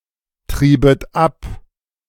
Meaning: second-person plural subjunctive II of abtreiben
- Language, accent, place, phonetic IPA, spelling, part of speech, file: German, Germany, Berlin, [ˌtʁiːbət ˈap], triebet ab, verb, De-triebet ab.ogg